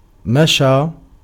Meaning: 1. to walk 2. to have many living beings to care for (scilicet which one has to walk by)
- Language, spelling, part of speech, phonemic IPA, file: Arabic, مشى, verb, /ma.ʃaː/, Ar-مشى.ogg